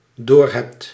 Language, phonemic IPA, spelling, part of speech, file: Dutch, /ɦeːft/, doorhebt, verb, Nl-doorhebt.ogg
- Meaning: second-person singular dependent-clause present indicative of doorhebben